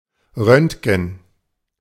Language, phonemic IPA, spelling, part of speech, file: German, /ˈʁœntɡn̩/, Röntgen, noun, De-Röntgen.ogg
- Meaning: röntgen, X-ray